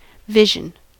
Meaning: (noun) 1. The sense or ability of sight 2. Something seen; an object perceived visually 3. Something imaginary one thinks one sees 4. Something unreal or imaginary; a creation of fancy
- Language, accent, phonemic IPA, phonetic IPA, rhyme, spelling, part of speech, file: English, US, /ˈvɪʒ.ən/, [ˈvɪʒ.n̩], -ɪʒən, vision, noun / verb, En-us-vision.ogg